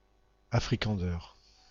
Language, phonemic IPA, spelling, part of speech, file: French, /a.fʁi.kɑ̃.dɛʁ/, afrikander, adjective, FR-afrikander.ogg
- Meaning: synonym of afrikaner